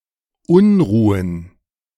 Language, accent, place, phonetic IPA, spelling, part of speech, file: German, Germany, Berlin, [ˈʊnˌʁuːən], Unruhen, noun, De-Unruhen.ogg
- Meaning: 1. plural of Unruhe 2. plural of Unruh